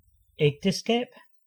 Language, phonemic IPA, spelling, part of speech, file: Danish, /ˈɛɡdəˌsɡaːˀb/, ægteskab, noun, Da-ægteskab.ogg
- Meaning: marriage (state of being married)